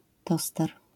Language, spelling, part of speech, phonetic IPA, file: Polish, toster, noun, [ˈtɔstɛr], LL-Q809 (pol)-toster.wav